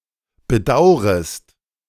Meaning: second-person singular subjunctive I of bedauern
- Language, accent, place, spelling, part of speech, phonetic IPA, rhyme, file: German, Germany, Berlin, bedaurest, verb, [bəˈdaʊ̯ʁəst], -aʊ̯ʁəst, De-bedaurest.ogg